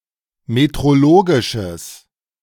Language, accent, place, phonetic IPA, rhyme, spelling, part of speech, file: German, Germany, Berlin, [metʁoˈloːɡɪʃəs], -oːɡɪʃəs, metrologisches, adjective, De-metrologisches.ogg
- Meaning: strong/mixed nominative/accusative neuter singular of metrologisch